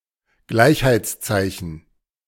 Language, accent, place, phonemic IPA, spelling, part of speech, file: German, Germany, Berlin, /ˈɡlaɪ̯çhaɪ̯tsˌtsaɪ̯çən/, Gleichheitszeichen, noun, De-Gleichheitszeichen.ogg
- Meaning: equal sign, equals sign, equality sign